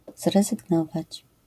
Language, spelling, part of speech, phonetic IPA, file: Polish, zrezygnować, verb, [ˌzrɛzɨɡˈnɔvat͡ɕ], LL-Q809 (pol)-zrezygnować.wav